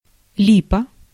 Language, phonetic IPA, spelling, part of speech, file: Russian, [ˈlʲipə], липа, noun, Ru-липа.ogg
- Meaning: 1. lime tree, linden (tree, wood, or flower) 2. forgery, fake